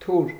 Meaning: sword
- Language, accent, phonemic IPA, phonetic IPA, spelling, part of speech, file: Armenian, Eastern Armenian, /tʰuɾ/, [tʰuɾ], թուր, noun, Hy-թուր.ogg